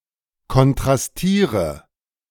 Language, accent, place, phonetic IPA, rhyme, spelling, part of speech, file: German, Germany, Berlin, [kɔntʁasˈtiːʁə], -iːʁə, kontrastiere, verb, De-kontrastiere.ogg
- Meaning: inflection of kontrastieren: 1. first-person singular present 2. singular imperative 3. first/third-person singular subjunctive I